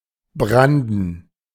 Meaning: to surge, to break (the sea or sea waves)
- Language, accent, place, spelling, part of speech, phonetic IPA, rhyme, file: German, Germany, Berlin, branden, verb, [ˈbʁandn̩], -andn̩, De-branden.ogg